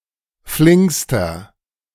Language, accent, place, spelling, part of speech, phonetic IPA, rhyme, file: German, Germany, Berlin, flinkster, adjective, [ˈflɪŋkstɐ], -ɪŋkstɐ, De-flinkster.ogg
- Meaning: inflection of flink: 1. strong/mixed nominative masculine singular superlative degree 2. strong genitive/dative feminine singular superlative degree 3. strong genitive plural superlative degree